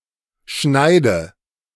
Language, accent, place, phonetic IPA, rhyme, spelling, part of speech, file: German, Germany, Berlin, [ˈʃnaɪ̯də], -aɪ̯də, schneide, verb, De-schneide.ogg
- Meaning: inflection of schneiden: 1. first-person singular present 2. first/third-person singular subjunctive I 3. singular imperative